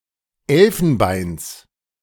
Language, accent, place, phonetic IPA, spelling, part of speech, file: German, Germany, Berlin, [ˈɛlfn̩ˌbaɪ̯ns], Elfenbeins, noun, De-Elfenbeins.ogg
- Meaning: genitive of Elfenbein